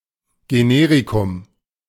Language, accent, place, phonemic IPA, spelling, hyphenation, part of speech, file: German, Germany, Berlin, /ɡeˈneːʁikʊm/, Generikum, Ge‧ne‧ri‧kum, noun, De-Generikum.ogg
- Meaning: generic medication